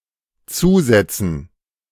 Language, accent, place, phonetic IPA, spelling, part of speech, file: German, Germany, Berlin, [ˈt͡suːˌzɛt͡sn̩], Zusätzen, noun, De-Zusätzen.ogg
- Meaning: dative plural of Zusatz